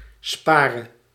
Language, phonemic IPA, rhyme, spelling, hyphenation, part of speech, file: Dutch, /ˈspaː.rə/, -aːrə, spare, spa‧re, verb, Nl-spare.ogg
- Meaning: singular present subjunctive of sparen